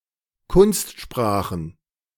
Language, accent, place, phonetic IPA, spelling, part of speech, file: German, Germany, Berlin, [ˈkʊnstˌʃpʁaːxn̩], Kunstsprachen, noun, De-Kunstsprachen.ogg
- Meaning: plural of Kunstsprache